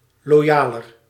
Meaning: comparative degree of loyaal
- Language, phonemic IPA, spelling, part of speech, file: Dutch, /loˈjalər/, loyaler, adjective, Nl-loyaler.ogg